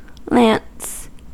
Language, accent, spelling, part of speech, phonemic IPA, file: English, US, lance, noun / verb, /læns/, En-us-lance.ogg
- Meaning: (noun) A weapon of war, consisting of a long shaft or handle and a steel blade or head; a spear carried by horsemen